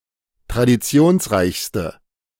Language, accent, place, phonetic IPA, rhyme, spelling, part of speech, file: German, Germany, Berlin, [tʁadiˈt͡si̯oːnsˌʁaɪ̯çstə], -oːnsʁaɪ̯çstə, traditionsreichste, adjective, De-traditionsreichste.ogg
- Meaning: inflection of traditionsreich: 1. strong/mixed nominative/accusative feminine singular superlative degree 2. strong nominative/accusative plural superlative degree